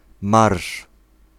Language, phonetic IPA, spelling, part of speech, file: Polish, [marʃ], marsz, noun, Pl-marsz.ogg